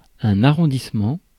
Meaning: 1. rounding 2. arrondissement 3. arrondissement, a borough (submunicipal administrative division) 4. ward, police jury ward (subdivision of a civil parish)
- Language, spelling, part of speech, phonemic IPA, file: French, arrondissement, noun, /a.ʁɔ̃.dis.mɑ̃/, Fr-arrondissement.ogg